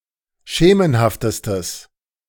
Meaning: strong/mixed nominative/accusative neuter singular superlative degree of schemenhaft
- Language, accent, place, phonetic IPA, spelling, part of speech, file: German, Germany, Berlin, [ˈʃeːmənhaftəstəs], schemenhaftestes, adjective, De-schemenhaftestes.ogg